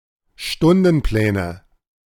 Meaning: nominative/accusative/genitive plural of Stundenplan
- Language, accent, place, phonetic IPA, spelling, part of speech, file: German, Germany, Berlin, [ˈʃtʊndn̩ˌplɛːnə], Stundenpläne, noun, De-Stundenpläne.ogg